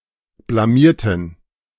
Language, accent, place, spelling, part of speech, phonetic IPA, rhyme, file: German, Germany, Berlin, blamierten, adjective / verb, [blaˈmiːɐ̯tn̩], -iːɐ̯tn̩, De-blamierten.ogg
- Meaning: inflection of blamieren: 1. first/third-person plural preterite 2. first/third-person plural subjunctive II